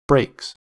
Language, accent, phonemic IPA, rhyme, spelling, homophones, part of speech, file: English, US, /bɹeɪks/, -eɪks, brakes, breaks, noun / verb, En-us-brakes.ogg
- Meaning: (noun) plural of brake; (verb) third-person singular simple present indicative of brake